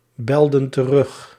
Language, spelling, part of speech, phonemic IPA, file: Dutch, belden terug, verb, /ˈbɛldə(n) t(ə)ˈrʏx/, Nl-belden terug.ogg
- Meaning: inflection of terugbellen: 1. plural past indicative 2. plural past subjunctive